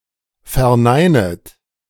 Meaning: second-person plural subjunctive I of verneinen
- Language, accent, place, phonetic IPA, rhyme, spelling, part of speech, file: German, Germany, Berlin, [fɛɐ̯ˈnaɪ̯nət], -aɪ̯nət, verneinet, verb, De-verneinet.ogg